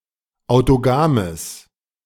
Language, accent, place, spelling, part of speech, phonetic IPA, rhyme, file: German, Germany, Berlin, autogames, adjective, [aʊ̯toˈɡaːməs], -aːməs, De-autogames.ogg
- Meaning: strong/mixed nominative/accusative neuter singular of autogam